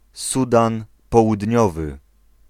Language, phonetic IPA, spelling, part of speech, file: Polish, [ˈsudãn ˌpɔwudʲˈɲɔvɨ], Sudan Południowy, proper noun, Pl-Sudan Południowy.ogg